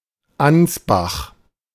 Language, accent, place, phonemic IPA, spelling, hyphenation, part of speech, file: German, Germany, Berlin, /ˈansbax/, Ansbach, Ans‧bach, proper noun, De-Ansbach.ogg
- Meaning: Ansbach (an independent town, the administrative seat of the Middle Franconia region, Bavaria, Germany)